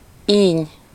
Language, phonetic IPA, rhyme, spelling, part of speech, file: Hungarian, [ˈiːɲ], -iːɲ, íny, noun, Hu-íny.ogg
- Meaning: gum (soft tissue around the teeth)